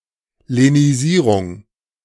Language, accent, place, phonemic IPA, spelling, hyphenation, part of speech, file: German, Germany, Berlin, /leniˈziːʁʊŋ/, Lenisierung, Le‧ni‧sie‧rung, noun, De-Lenisierung.ogg
- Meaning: lenition